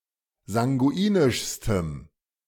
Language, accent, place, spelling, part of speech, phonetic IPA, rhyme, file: German, Germany, Berlin, sanguinischstem, adjective, [zaŋɡuˈiːnɪʃstəm], -iːnɪʃstəm, De-sanguinischstem.ogg
- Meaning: strong dative masculine/neuter singular superlative degree of sanguinisch